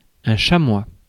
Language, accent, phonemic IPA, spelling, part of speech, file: French, France, /ʃa.mwa/, chamois, noun, Fr-chamois.ogg
- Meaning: 1. chamois (animal) 2. chamois (leather)